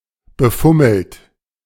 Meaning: 1. past participle of befummeln 2. inflection of befummeln: third-person singular present 3. inflection of befummeln: second-person plural present 4. inflection of befummeln: plural imperative
- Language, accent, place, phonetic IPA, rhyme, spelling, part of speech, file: German, Germany, Berlin, [bəˈfʊml̩t], -ʊml̩t, befummelt, verb, De-befummelt.ogg